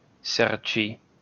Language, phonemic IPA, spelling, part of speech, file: Esperanto, /ˈsert͡ʃi/, serĉi, verb, LL-Q143 (epo)-serĉi.wav